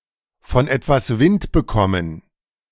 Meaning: to get wind of something
- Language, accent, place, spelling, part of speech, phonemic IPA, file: German, Germany, Berlin, von etwas Wind bekommen, verb, /fɔn ˌʔɛtvas ˈvɪnt bəˌkɔmən/, De-von etwas Wind bekommen.ogg